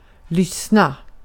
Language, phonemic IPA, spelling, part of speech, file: Swedish, /²lʏsna/, lyssna, verb, Sv-lyssna.ogg
- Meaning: to listen